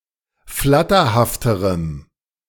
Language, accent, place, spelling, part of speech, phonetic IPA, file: German, Germany, Berlin, flatterhafterem, adjective, [ˈflatɐhaftəʁəm], De-flatterhafterem.ogg
- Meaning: strong dative masculine/neuter singular comparative degree of flatterhaft